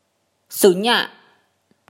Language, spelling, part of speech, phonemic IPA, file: Mon, ၀, numeral, /sūnˀɲaˀ/, Mnw-၀.oga
- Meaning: 0 (zero)